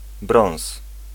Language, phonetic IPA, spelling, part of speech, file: Polish, [brɔ̃w̃s], brąz, noun, Pl-brąz.ogg